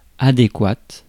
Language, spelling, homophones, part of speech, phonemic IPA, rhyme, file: French, adéquate, adéquates, adjective, /a.de.kwat/, -at, Fr-adéquate.ogg
- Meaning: feminine singular of adéquat